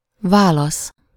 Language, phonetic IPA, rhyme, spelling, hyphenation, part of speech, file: Hungarian, [ˈvaːlɒs], -ɒs, válasz, vá‧lasz, noun, Hu-válasz.ogg
- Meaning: answer, reply